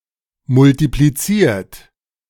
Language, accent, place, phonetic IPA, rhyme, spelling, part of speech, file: German, Germany, Berlin, [mʊltipliˈt͡siːɐ̯t], -iːɐ̯t, multipliziert, verb, De-multipliziert.ogg
- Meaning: 1. past participle of multiplizieren 2. inflection of multiplizieren: third-person singular present 3. inflection of multiplizieren: second-person plural present